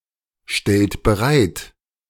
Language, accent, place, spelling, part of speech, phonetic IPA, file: German, Germany, Berlin, stellt bereit, verb, [ˌʃtɛlt bəˈʁaɪ̯t], De-stellt bereit.ogg
- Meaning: inflection of bereitstellen: 1. second-person plural present 2. third-person singular present 3. plural imperative